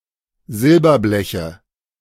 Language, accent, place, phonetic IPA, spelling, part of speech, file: German, Germany, Berlin, [ˈzɪlbɐˌblɛçə], Silberbleche, noun, De-Silberbleche.ogg
- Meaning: nominative/accusative/genitive plural of Silberblech